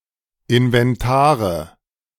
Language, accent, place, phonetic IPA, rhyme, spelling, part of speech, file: German, Germany, Berlin, [ɪnvɛnˈtaːʁə], -aːʁə, Inventare, noun, De-Inventare.ogg
- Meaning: nominative/accusative/genitive plural of Inventar